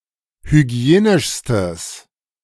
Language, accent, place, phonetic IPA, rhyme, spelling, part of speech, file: German, Germany, Berlin, [hyˈɡi̯eːnɪʃstəs], -eːnɪʃstəs, hygienischstes, adjective, De-hygienischstes.ogg
- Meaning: strong/mixed nominative/accusative neuter singular superlative degree of hygienisch